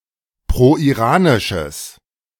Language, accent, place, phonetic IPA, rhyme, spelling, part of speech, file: German, Germany, Berlin, [pʁoʔiˈʁaːnɪʃəs], -aːnɪʃəs, proiranisches, adjective, De-proiranisches.ogg
- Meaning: strong/mixed nominative/accusative neuter singular of proiranisch